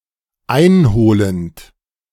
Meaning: present participle of einholen
- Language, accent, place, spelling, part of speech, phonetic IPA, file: German, Germany, Berlin, einholend, verb, [ˈaɪ̯nˌhoːlənt], De-einholend.ogg